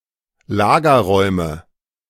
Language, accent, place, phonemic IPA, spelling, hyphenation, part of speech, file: German, Germany, Berlin, /ˈlaːɡɐˌʁɔɪ̯mə/, Lagerräume, La‧ger‧räu‧me, noun, De-Lagerräume.ogg
- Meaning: nominative/accusative/genitive plural of Lagerraum